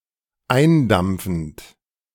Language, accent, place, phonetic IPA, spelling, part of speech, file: German, Germany, Berlin, [ˈaɪ̯nˌdamp͡fn̩t], eindampfend, verb, De-eindampfend.ogg
- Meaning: present participle of eindampfen